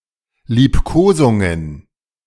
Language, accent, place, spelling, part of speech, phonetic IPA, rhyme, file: German, Germany, Berlin, Liebkosungen, noun, [liːpˈkoːzʊŋən], -oːzʊŋən, De-Liebkosungen.ogg
- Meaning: plural of Liebkosung